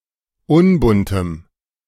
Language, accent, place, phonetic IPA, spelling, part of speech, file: German, Germany, Berlin, [ˈʊnbʊntəm], unbuntem, adjective, De-unbuntem.ogg
- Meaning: strong dative masculine/neuter singular of unbunt